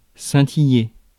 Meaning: to sparkle, twinkle
- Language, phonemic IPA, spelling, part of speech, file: French, /sɛ̃.ti.je/, scintiller, verb, Fr-scintiller.ogg